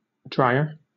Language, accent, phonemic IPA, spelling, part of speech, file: English, Southern England, /ˈdɹaɪə/, drier, noun / adjective, LL-Q1860 (eng)-drier.wav
- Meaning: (noun) Alternative spelling of dryer; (adjective) comparative form of dry: more dry